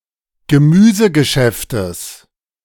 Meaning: genitive singular of Gemüsegeschäft
- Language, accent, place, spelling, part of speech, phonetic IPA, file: German, Germany, Berlin, Gemüsegeschäftes, noun, [ɡəˈmyːzəɡəˌʃɛftəs], De-Gemüsegeschäftes.ogg